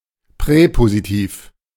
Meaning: prepositional case
- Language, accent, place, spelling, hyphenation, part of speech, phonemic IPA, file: German, Germany, Berlin, Präpositiv, Prä‧po‧si‧tiv, noun, /ˈpʁɛːpozitiːf/, De-Präpositiv.ogg